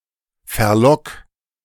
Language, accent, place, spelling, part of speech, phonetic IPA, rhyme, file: German, Germany, Berlin, verlock, verb, [fɛɐ̯ˈlɔk], -ɔk, De-verlock.ogg
- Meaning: 1. singular imperative of verlocken 2. first-person singular present of verlocken